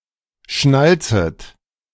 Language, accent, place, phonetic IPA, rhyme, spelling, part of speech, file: German, Germany, Berlin, [ˈʃnalt͡sət], -alt͡sət, schnalzet, verb, De-schnalzet.ogg
- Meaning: second-person plural subjunctive I of schnalzen